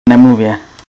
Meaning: not to mention
- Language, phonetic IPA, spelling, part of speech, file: Czech, [ˈnɛmluvjɛ], nemluvě, conjunction, Cs-nemluvě.ogg